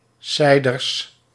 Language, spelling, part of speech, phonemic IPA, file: Dutch, seiders, noun, /ˈsɛidərs/, Nl-seiders.ogg
- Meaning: plural of seider